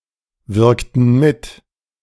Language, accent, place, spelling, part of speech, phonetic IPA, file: German, Germany, Berlin, wirkten mit, verb, [ˌvɪʁktn̩ ˈmɪt], De-wirkten mit.ogg
- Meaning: inflection of mitwirken: 1. first/third-person plural preterite 2. first/third-person plural subjunctive II